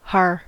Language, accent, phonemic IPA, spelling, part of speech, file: English, US, /hɑɹ/, har, noun / interjection / particle, En-us-har.ogg
- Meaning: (noun) A hinge; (interjection) A sound of laughter, sometimes with a sarcastic connotation; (particle) Alternative form of hah (interrogative particle)